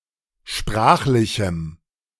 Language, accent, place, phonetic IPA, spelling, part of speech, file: German, Germany, Berlin, [ˈʃpʁaːxlɪçm̩], sprachlichem, adjective, De-sprachlichem.ogg
- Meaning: strong dative masculine/neuter singular of sprachlich